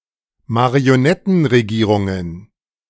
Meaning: plural of Marionettenregierung
- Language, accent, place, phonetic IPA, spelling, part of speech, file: German, Germany, Berlin, [maʁioˈnɛtn̩ʁeˌɡiːʁʊŋən], Marionettenregierungen, noun, De-Marionettenregierungen.ogg